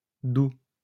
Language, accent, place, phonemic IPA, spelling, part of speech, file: French, France, Lyon, /d‿u/, d'où, adverb / conjunction, LL-Q150 (fra)-d'où.wav
- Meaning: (adverb) 1. from where; whence; from which place or source 2. hence; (conjunction) wherefore